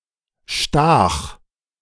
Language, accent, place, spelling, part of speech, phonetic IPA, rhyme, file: German, Germany, Berlin, stach, verb, [ʃtaːx], -aːx, De-stach.ogg
- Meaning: first/third-person singular preterite of stechen